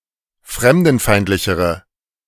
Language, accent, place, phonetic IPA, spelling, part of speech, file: German, Germany, Berlin, [ˈfʁɛmdn̩ˌfaɪ̯ntlɪçəʁə], fremdenfeindlichere, adjective, De-fremdenfeindlichere.ogg
- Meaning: inflection of fremdenfeindlich: 1. strong/mixed nominative/accusative feminine singular comparative degree 2. strong nominative/accusative plural comparative degree